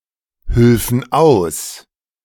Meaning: first-person plural subjunctive II of aushelfen
- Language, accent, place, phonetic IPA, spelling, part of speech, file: German, Germany, Berlin, [ˌhʏlfn̩ ˈaʊ̯s], hülfen aus, verb, De-hülfen aus.ogg